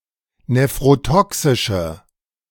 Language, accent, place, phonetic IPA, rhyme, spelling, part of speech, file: German, Germany, Berlin, [nefʁoˈtɔksɪʃə], -ɔksɪʃə, nephrotoxische, adjective, De-nephrotoxische.ogg
- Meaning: inflection of nephrotoxisch: 1. strong/mixed nominative/accusative feminine singular 2. strong nominative/accusative plural 3. weak nominative all-gender singular